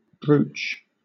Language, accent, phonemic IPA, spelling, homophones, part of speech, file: English, Southern England, /bɹəʊtʃ/, brooch, broach, noun / verb, LL-Q1860 (eng)-brooch.wav
- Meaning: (noun) 1. A piece of ornamental jewellery having a pin allowing it to be fixed to garments worn on the upper body 2. A painting all of one colour, such as a sepia painting